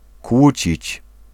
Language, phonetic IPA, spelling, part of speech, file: Polish, [ˈkwut͡ɕit͡ɕ], kłócić, verb, Pl-kłócić.ogg